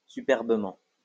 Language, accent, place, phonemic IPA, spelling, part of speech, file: French, France, Lyon, /sy.pɛʁ.bə.mɑ̃/, superbement, adverb, LL-Q150 (fra)-superbement.wav
- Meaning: superbly